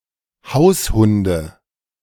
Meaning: nominative/accusative/genitive plural of Haushund
- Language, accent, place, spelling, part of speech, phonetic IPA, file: German, Germany, Berlin, Haushunde, noun, [ˈhaʊ̯sˌhʊndə], De-Haushunde.ogg